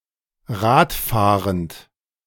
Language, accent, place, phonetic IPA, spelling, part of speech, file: German, Germany, Berlin, [ˈʁaːtˌfaːʁənt], Rad fahrend, verb, De-Rad fahrend.ogg
- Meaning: present participle of Rad fahren